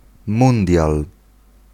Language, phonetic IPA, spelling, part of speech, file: Polish, [ˈmũndʲjal], mundial, noun, Pl-mundial.ogg